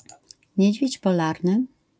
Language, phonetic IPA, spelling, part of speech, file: Polish, [ˈɲɛ̇d͡ʑvʲjɛ̇t͡ɕ pɔˈlarnɨ], niedźwiedź polarny, noun, LL-Q809 (pol)-niedźwiedź polarny.wav